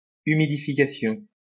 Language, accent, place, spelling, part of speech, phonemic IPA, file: French, France, Lyon, humidification, noun, /y.mi.di.fi.ka.sjɔ̃/, LL-Q150 (fra)-humidification.wav
- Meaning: humidification